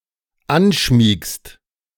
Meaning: second-person singular dependent present of anschmiegen
- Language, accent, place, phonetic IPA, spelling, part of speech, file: German, Germany, Berlin, [ˈanˌʃmiːkst], anschmiegst, verb, De-anschmiegst.ogg